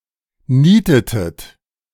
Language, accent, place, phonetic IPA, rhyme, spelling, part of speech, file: German, Germany, Berlin, [ˈniːtətət], -iːtətət, nietetet, verb, De-nietetet.ogg
- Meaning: inflection of nieten: 1. second-person plural preterite 2. second-person plural subjunctive II